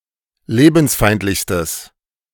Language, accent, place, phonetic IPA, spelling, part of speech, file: German, Germany, Berlin, [ˈleːbn̩sˌfaɪ̯ntlɪçstəs], lebensfeindlichstes, adjective, De-lebensfeindlichstes.ogg
- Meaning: strong/mixed nominative/accusative neuter singular superlative degree of lebensfeindlich